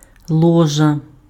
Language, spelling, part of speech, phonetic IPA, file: Ukrainian, ложа, noun, [ˈɫɔʒɐ], Uk-ложа.ogg
- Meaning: 1. box (compartment to sit in) 2. lodge 3. wooden handgun stock (handle or stem to which the working part of an implement or weapon is attached) 4. bed